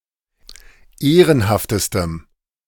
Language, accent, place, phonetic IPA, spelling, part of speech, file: German, Germany, Berlin, [ˈeːʁənhaftəstəm], ehrenhaftestem, adjective, De-ehrenhaftestem.ogg
- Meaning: strong dative masculine/neuter singular superlative degree of ehrenhaft